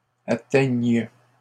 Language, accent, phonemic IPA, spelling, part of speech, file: French, Canada, /a.tɛɲ/, atteignent, verb, LL-Q150 (fra)-atteignent.wav
- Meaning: third-person plural present indicative/subjunctive of atteindre